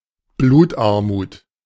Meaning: anemia
- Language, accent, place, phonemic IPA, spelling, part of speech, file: German, Germany, Berlin, /ˈbluːtˌʔaʁmuːt/, Blutarmut, noun, De-Blutarmut.ogg